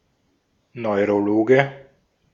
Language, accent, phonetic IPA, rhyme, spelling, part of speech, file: German, Austria, [nɔɪ̯ʁoˈloːɡə], -oːɡə, Neurologe, noun, De-at-Neurologe.ogg
- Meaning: neurologist (male or of unspecified gender)